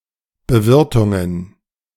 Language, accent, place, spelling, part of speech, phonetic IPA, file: German, Germany, Berlin, Bewirtungen, noun, [bəˈvɪʁtʊŋən], De-Bewirtungen.ogg
- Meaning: plural of Bewirtung